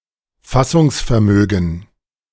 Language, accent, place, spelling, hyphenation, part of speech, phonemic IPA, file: German, Germany, Berlin, Fassungsvermögen, Fas‧sungs‧ver‧mö‧gen, noun, /ˈfasʊŋsfɛɐ̯ˌmøːɡn̩/, De-Fassungsvermögen.ogg
- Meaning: capacity